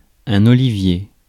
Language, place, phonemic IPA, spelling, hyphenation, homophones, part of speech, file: French, Paris, /ɔ.li.vje/, olivier, o‧li‧vier, oliviers, noun, Fr-olivier.ogg
- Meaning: olive tree